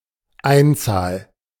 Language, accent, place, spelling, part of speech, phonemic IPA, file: German, Germany, Berlin, Einzahl, noun, /ˈaɪ̯ntsaːl/, De-Einzahl.ogg
- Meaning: singular